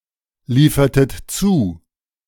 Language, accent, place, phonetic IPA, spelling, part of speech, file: German, Germany, Berlin, [ˌliːfɐtət ˈt͡suː], liefertet zu, verb, De-liefertet zu.ogg
- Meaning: inflection of zuliefern: 1. second-person plural preterite 2. second-person plural subjunctive II